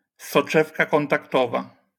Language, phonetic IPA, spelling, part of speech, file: Polish, [sɔˈt͡ʃɛfka ˌkɔ̃ntakˈtɔva], soczewka kontaktowa, noun, LL-Q809 (pol)-soczewka kontaktowa.wav